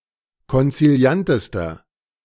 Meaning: inflection of konziliant: 1. strong/mixed nominative masculine singular superlative degree 2. strong genitive/dative feminine singular superlative degree 3. strong genitive plural superlative degree
- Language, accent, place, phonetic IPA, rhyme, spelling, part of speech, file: German, Germany, Berlin, [kɔnt͡siˈli̯antəstɐ], -antəstɐ, konziliantester, adjective, De-konziliantester.ogg